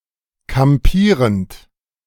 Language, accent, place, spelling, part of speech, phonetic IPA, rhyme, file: German, Germany, Berlin, kampierend, verb, [kamˈpiːʁənt], -iːʁənt, De-kampierend.ogg
- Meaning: present participle of kampieren